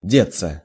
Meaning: 1. to disappear, to vanish, to get lost 2. to hide, to escape, to get away 3. passive of деть (detʹ)
- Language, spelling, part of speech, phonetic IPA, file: Russian, деться, verb, [ˈdʲet͡sːə], Ru-деться.ogg